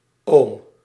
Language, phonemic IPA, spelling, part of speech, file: Dutch, /ˈoːm/, -oom, suffix, Nl--oom.ogg
- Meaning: -ome: a mass of something